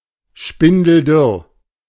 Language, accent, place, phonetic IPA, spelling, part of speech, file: German, Germany, Berlin, [ˈʃpɪndl̩ˈdʏʁ], spindeldürr, adjective, De-spindeldürr.ogg
- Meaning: spindly; as thin as a spindle; as thin as a rail, as thin as a rake